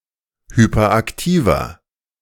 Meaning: inflection of hyperaktiv: 1. strong/mixed nominative masculine singular 2. strong genitive/dative feminine singular 3. strong genitive plural
- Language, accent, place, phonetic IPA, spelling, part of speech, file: German, Germany, Berlin, [ˌhypɐˈʔaktiːvɐ], hyperaktiver, adjective, De-hyperaktiver.ogg